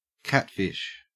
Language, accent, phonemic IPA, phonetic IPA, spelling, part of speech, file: English, Australia, /ˈkætfɪʃ/, [ˈkʰæt̚fɪʃ], catfish, noun / verb, En-au-catfish.ogg
- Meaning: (noun) Any fish of the order Siluriformes, mainly found in fresh water, lacking scales, and having barbels like whiskers around the mouth